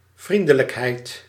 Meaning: friendliness, kindliness
- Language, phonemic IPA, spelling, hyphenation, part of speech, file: Dutch, /ˈvrindələkɦɛi̯t/, vriendelijkheid, vrien‧de‧lijk‧heid, noun, Nl-vriendelijkheid.ogg